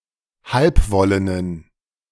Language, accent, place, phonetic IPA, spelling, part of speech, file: German, Germany, Berlin, [ˈhalpˌvɔlənən], halbwollenen, adjective, De-halbwollenen.ogg
- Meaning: inflection of halbwollen: 1. strong genitive masculine/neuter singular 2. weak/mixed genitive/dative all-gender singular 3. strong/weak/mixed accusative masculine singular 4. strong dative plural